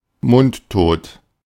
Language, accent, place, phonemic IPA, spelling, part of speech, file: German, Germany, Berlin, /ˈmʊn(t)ˌtoːt/, mundtot, adjective, De-mundtot.ogg
- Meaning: silenced (unable to express one’s will or opinion)